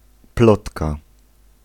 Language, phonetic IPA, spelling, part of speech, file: Polish, [ˈplɔtka], plotka, noun, Pl-plotka.ogg